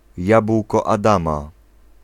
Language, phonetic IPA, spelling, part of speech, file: Polish, [ˈjap.kɔ a.ˈdã.ma], jabłko Adama, noun, Pl-jabłko Adama.ogg